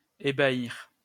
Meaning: to astonish, to astound
- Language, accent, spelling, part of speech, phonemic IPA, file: French, France, ébahir, verb, /e.ba.iʁ/, LL-Q150 (fra)-ébahir.wav